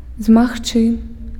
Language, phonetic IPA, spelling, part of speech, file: Belarusian, [zmaxˈt͡ʂɨ], змагчы, verb, Be-змагчы.ogg
- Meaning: to be able to, can